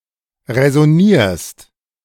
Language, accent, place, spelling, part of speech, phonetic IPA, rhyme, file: German, Germany, Berlin, räsonierst, verb, [ʁɛzɔˈniːɐ̯st], -iːɐ̯st, De-räsonierst.ogg
- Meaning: second-person singular present of räsonieren